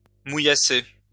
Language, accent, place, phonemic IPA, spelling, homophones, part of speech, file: French, France, Lyon, /mu.ja.se/, mouillasser, mouillassé, verb, LL-Q150 (fra)-mouillasser.wav
- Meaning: to rain on and off, to drizzle, to sprinkle